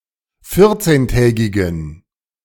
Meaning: inflection of vierzehntägig: 1. strong genitive masculine/neuter singular 2. weak/mixed genitive/dative all-gender singular 3. strong/weak/mixed accusative masculine singular 4. strong dative plural
- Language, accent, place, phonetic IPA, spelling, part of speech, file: German, Germany, Berlin, [ˈfɪʁt͡seːnˌtɛːɡɪɡn̩], vierzehntägigen, adjective, De-vierzehntägigen.ogg